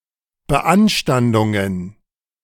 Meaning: plural of Beanstandung
- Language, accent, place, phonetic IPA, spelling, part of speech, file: German, Germany, Berlin, [bəˈʔanʃtandʊŋən], Beanstandungen, noun, De-Beanstandungen.ogg